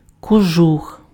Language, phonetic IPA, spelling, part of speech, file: Ukrainian, [koˈʒux], кожух, noun, Uk-кожух.ogg
- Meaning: 1. sheepskin coat 2. shell, casing, housing, jacket (e.g. of a gun)